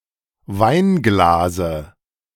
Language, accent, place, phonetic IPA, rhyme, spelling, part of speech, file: German, Germany, Berlin, [ˈvaɪ̯nˌɡlaːzə], -aɪ̯nɡlaːzə, Weinglase, noun, De-Weinglase.ogg
- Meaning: dative of Weinglas